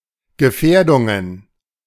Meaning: plural of Gefährdung
- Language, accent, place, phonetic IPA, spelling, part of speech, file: German, Germany, Berlin, [ɡəˈfɛːɐ̯dʊŋən], Gefährdungen, noun, De-Gefährdungen.ogg